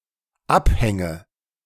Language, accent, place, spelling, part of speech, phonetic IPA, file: German, Germany, Berlin, Abhänge, noun, [ˈapˌhɛŋə], De-Abhänge.ogg
- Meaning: nominative/accusative/genitive plural of Abhang